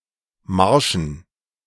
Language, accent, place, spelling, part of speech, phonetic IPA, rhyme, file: German, Germany, Berlin, Marschen, noun, [ˈmaʁʃn̩], -aʁʃn̩, De-Marschen.ogg
- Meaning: plural of Marsch